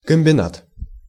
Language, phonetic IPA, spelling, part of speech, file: Russian, [kəm⁽ʲ⁾bʲɪˈnat], комбинат, noun, Ru-комбинат.ogg
- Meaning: 1. combine (enterprise) 2. industrial complex 3. center/centre